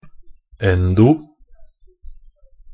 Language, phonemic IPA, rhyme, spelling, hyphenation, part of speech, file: Norwegian Bokmål, /ˈɛndʊ/, -ɛndʊ, endo-, en‧do-, prefix, Nb-endo-.ogg
- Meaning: endo-, end- (internal, within, inside, into)